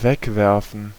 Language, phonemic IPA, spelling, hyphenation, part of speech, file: German, /ˈvɛkˌvɛɐ̯fn̩/, wegwerfen, weg‧wer‧fen, verb, De-wegwerfen.ogg
- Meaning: to throw away, to discard